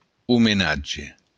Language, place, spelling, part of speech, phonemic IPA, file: Occitan, Béarn, omenatge, noun, /umeˈnadʒe/, LL-Q14185 (oci)-omenatge.wav
- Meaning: homage